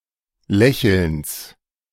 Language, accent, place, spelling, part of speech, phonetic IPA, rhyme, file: German, Germany, Berlin, Lächelns, noun, [ˈlɛçl̩ns], -ɛçl̩ns, De-Lächelns.ogg
- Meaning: genitive singular of Lächeln